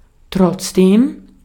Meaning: although
- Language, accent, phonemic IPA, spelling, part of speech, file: German, Austria, /tʁɔtsˈdeːm/, trotzdem, conjunction, De-at-trotzdem.ogg